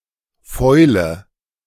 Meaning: rot
- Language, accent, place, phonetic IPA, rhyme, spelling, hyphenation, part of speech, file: German, Germany, Berlin, [ˈfɔɪ̯lə], -ɔɪ̯lə, Fäule, Fäu‧le, noun, De-Fäule.ogg